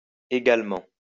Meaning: obsolete form of également
- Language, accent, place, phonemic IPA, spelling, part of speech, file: French, France, Lyon, /e.ɡal.mɑ̃/, ægalement, adverb, LL-Q150 (fra)-ægalement.wav